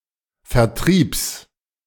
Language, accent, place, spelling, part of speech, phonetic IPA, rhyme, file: German, Germany, Berlin, Vertriebs, noun, [fɛɐ̯ˈtʁiːps], -iːps, De-Vertriebs.ogg
- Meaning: genitive singular of Vertrieb